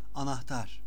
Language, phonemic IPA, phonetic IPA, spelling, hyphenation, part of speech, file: Turkish, /a.nahˈtaɾ/, [ɑ.nɑhˈtɑɾ], anahtar, a‧nah‧tar, noun, Anahtar.ogg
- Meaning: key